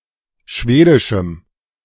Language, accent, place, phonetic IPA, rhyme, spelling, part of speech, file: German, Germany, Berlin, [ˈʃveːdɪʃm̩], -eːdɪʃm̩, schwedischem, adjective, De-schwedischem.ogg
- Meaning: strong dative masculine/neuter singular of schwedisch